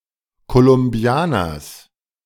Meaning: genitive singular of Kolumbianer
- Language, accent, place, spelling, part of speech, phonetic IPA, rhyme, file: German, Germany, Berlin, Kolumbianers, noun, [kolʊmˈbi̯aːnɐs], -aːnɐs, De-Kolumbianers.ogg